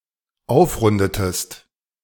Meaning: inflection of aufrunden: 1. second-person singular dependent preterite 2. second-person singular dependent subjunctive II
- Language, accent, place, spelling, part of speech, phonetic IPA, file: German, Germany, Berlin, aufrundetest, verb, [ˈaʊ̯fˌʁʊndətəst], De-aufrundetest.ogg